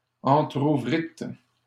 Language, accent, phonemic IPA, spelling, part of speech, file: French, Canada, /ɑ̃.tʁu.vʁit/, entrouvrîtes, verb, LL-Q150 (fra)-entrouvrîtes.wav
- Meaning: second-person plural past historic of entrouvrir